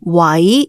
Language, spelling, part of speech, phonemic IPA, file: Cantonese, wai2, romanization, /wɐi˧˥/, Yue-wai2.ogg
- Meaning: Jyutping transcription of 喟